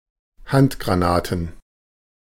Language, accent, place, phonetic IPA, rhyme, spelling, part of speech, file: German, Germany, Berlin, [ˈhantɡʁaˌnaːtn̩], -antɡʁanaːtn̩, Handgranaten, noun, De-Handgranaten.ogg
- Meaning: plural of Handgranate